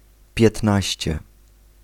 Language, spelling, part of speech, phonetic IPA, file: Polish, piętnaście, adjective, [pʲjɛtˈnaɕt͡ɕɛ], Pl-piętnaście.ogg